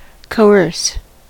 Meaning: 1. To restrain by force, especially by law or authority; to repress; to curb 2. To use force, threat, fraud, or intimidation in an attempt to compel one to act against their will
- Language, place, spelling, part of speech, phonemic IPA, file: English, California, coerce, verb, /koʊˈɝs/, En-us-coerce.ogg